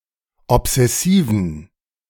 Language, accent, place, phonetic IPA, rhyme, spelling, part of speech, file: German, Germany, Berlin, [ɔpz̥ɛˈsiːvn̩], -iːvn̩, obsessiven, adjective, De-obsessiven.ogg
- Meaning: inflection of obsessiv: 1. strong genitive masculine/neuter singular 2. weak/mixed genitive/dative all-gender singular 3. strong/weak/mixed accusative masculine singular 4. strong dative plural